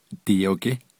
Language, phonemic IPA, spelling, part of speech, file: Navajo, /tɪ̀jòkɪ́/, diyogí, noun, Nv-diyogí.ogg
- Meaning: Navajo rug, Navajo blanket